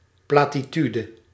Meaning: platitude, cliché
- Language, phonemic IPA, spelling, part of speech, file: Dutch, /plaːtiˈtydə/, platitude, noun, Nl-platitude.ogg